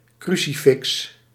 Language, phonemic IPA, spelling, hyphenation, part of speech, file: Dutch, /ˈkry.si.fɪks/, crucifix, cru‧ci‧fix, noun, Nl-crucifix.ogg
- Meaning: a crucifix